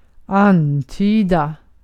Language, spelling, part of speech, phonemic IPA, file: Swedish, antyda, verb, /ˈanˌtyːda/, Sv-antyda.ogg
- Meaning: to hint about; to imply; to give indications as to